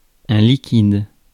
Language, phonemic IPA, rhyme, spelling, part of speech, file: French, /li.kid/, -id, liquide, adjective / noun / verb, Fr-liquide.ogg
- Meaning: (adjective) 1. liquid (existing in the physical state of a liquid) 2. liquid (said of money); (noun) 1. liquid (substance not of solid or gas state) 2. cash 3. liquid (class of consonant sounds)